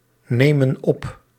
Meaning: inflection of opnemen: 1. plural present indicative 2. plural present subjunctive
- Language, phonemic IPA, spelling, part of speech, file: Dutch, /ˈnemə(n) ˈɔp/, nemen op, verb, Nl-nemen op.ogg